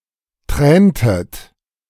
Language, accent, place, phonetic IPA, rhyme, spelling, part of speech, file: German, Germany, Berlin, [ˈtʁɛːntət], -ɛːntət, träntet, verb, De-träntet.ogg
- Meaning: inflection of tränen: 1. second-person plural preterite 2. second-person plural subjunctive II